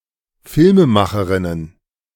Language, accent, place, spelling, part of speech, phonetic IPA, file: German, Germany, Berlin, Filmemacherinnen, noun, [ˈfɪlməˌmaxəʁɪnən], De-Filmemacherinnen.ogg
- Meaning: plural of Filmemacherin